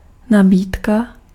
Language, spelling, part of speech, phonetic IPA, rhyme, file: Czech, nabídka, noun, [ˈnabiːtka], -iːtka, Cs-nabídka.ogg
- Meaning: 1. offer 2. supply 3. menu